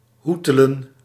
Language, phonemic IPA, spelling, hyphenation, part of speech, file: Dutch, /ˈɦu.tə.lə(n)/, hoetelen, hoe‧te‧len, verb, Nl-hoetelen.ogg
- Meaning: 1. to mess around, to bungle, to huddle 2. to pester, to bother 3. to practice or engage in petty trade